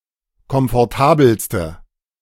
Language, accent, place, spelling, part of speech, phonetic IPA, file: German, Germany, Berlin, komfortabelste, adjective, [kɔmfɔʁˈtaːbl̩stə], De-komfortabelste.ogg
- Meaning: inflection of komfortabel: 1. strong/mixed nominative/accusative feminine singular superlative degree 2. strong nominative/accusative plural superlative degree